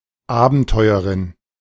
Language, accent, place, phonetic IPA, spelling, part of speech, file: German, Germany, Berlin, [ˈaːbənˌtɔɪ̯əʁɪn], Abenteuerin, noun, De-Abenteuerin.ogg
- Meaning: An adventuress, female adventurer